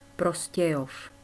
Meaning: a city in the eastern Czech Republic
- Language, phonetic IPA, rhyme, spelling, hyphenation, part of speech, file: Czech, [ˈproscɛjof], -ɛjof, Prostějov, Pro‧s‧tě‧jov, proper noun, Cs Prostějov.ogg